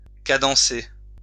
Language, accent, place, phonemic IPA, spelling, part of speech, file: French, France, Lyon, /ka.dɑ̃.se/, cadencer, verb, LL-Q150 (fra)-cadencer.wav
- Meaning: to cadence